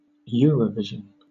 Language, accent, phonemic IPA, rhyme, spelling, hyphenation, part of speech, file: English, Southern England, /ˈjʊəɹ.ə(ˌ)vɪʒ.ən/, -ɪʒən, Eurovision, Eu‧ro‧vi‧sion, proper noun, LL-Q1860 (eng)-Eurovision.wav
- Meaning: 1. A European broadcasting system, created by the European Broadcasting Union, that produces the Eurovision Song Contest and related programmes 2. The Eurovision Song Contest